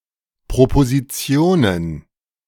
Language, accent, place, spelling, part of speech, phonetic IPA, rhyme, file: German, Germany, Berlin, Propositionen, noun, [pʁopoziˈt͡si̯oːnən], -oːnən, De-Propositionen.ogg
- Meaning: plural of Proposition